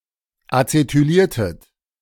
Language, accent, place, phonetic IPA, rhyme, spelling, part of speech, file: German, Germany, Berlin, [at͡setyˈliːɐ̯tət], -iːɐ̯tət, acetyliertet, verb, De-acetyliertet.ogg
- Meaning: inflection of acetylieren: 1. second-person plural preterite 2. second-person plural subjunctive II